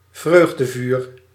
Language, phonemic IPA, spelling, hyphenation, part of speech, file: Dutch, /ˈvrøːɣ.dəˌvyr/, vreugdevuur, vreug‧de‧vuur, noun, Nl-vreugdevuur.ogg
- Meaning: bonfire